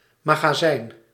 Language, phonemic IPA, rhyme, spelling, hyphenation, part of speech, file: Dutch, /ˌmaː.ɣaːˈzɛi̯n/, -ɛi̯n, magazijn, ma‧ga‧zijn, noun, Nl-magazijn.ogg
- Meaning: 1. storeroom, storehouse, depot, now especially of a store or workshop 2. magazine (chamber in a firearm)